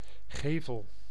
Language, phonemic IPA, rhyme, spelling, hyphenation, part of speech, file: Dutch, /ˈɣeː.vəl/, -eːvəl, gevel, ge‧vel, noun, Nl-gevel.ogg
- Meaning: façade (of a building)